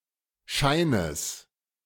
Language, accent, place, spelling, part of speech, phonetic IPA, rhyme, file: German, Germany, Berlin, Scheines, noun, [ˈʃaɪ̯nəs], -aɪ̯nəs, De-Scheines.ogg
- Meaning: genitive singular of Schein